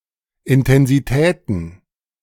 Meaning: plural of Intensität
- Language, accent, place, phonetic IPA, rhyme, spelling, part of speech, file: German, Germany, Berlin, [ɪntɛnziˈtɛːtn̩], -ɛːtn̩, Intensitäten, noun, De-Intensitäten.ogg